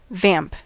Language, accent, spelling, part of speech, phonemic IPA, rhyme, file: English, General American, vamp, noun / verb, /væmp/, -æmp, En-us-vamp.ogg
- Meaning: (noun) The top part of a boot or shoe, above the sole and welt and in front of the ankle seam, that covers the instep and toes; the front part of an upper; the analogous part of a stocking